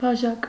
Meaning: 1. glass, cup 2. calyx
- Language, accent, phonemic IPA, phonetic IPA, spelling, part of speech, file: Armenian, Eastern Armenian, /bɑˈʒɑk/, [bɑʒɑ́k], բաժակ, noun, Hy-բաժակ.ogg